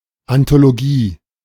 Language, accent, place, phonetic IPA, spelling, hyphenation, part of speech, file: German, Germany, Berlin, [antoloˈɡiː], Anthologie, An‧tho‧lo‧gie, noun, De-Anthologie.ogg
- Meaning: anthology